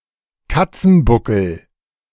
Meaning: 1. arched back of a cat 2. bow (gesture of respect)
- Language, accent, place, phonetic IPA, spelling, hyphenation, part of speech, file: German, Germany, Berlin, [ˈkat͡sn̩ˌbʊkl̩], Katzenbuckel, Kat‧zen‧bu‧ckel, noun, De-Katzenbuckel.ogg